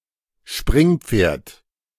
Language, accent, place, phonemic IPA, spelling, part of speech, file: German, Germany, Berlin, /ˈʃpʁɪŋpfeːɐ̯t/, Springpferd, noun, De-Springpferd.ogg
- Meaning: jumper (a horse)